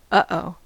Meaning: An exclamation of error, concern, or awareness of a problem
- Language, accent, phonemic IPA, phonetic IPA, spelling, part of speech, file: English, General American, /ˌʌˈoʊ/, [ˈʔʌ̆ʔ˦oʊ˨], uh-oh, interjection, En-us-uh-oh.ogg